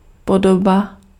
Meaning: 1. form 2. semblance, appearance, look
- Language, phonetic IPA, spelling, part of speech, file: Czech, [ˈpodoba], podoba, noun, Cs-podoba.ogg